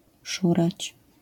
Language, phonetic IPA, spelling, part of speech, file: Polish, [ˈʃurat͡ɕ], szurać, verb, LL-Q809 (pol)-szurać.wav